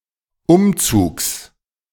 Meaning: genitive singular of Umzug
- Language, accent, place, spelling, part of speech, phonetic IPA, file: German, Germany, Berlin, Umzugs, noun, [ˈʊmˌt͡suːks], De-Umzugs.ogg